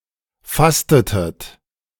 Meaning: inflection of fasten: 1. second-person plural preterite 2. second-person plural subjunctive II
- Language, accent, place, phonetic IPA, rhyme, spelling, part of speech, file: German, Germany, Berlin, [ˈfastətət], -astətət, fastetet, verb, De-fastetet.ogg